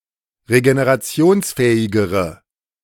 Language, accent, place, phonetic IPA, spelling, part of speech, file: German, Germany, Berlin, [ʁeɡeneʁaˈt͡si̯oːnsˌfɛːɪɡəʁə], regenerationsfähigere, adjective, De-regenerationsfähigere.ogg
- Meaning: inflection of regenerationsfähig: 1. strong/mixed nominative/accusative feminine singular comparative degree 2. strong nominative/accusative plural comparative degree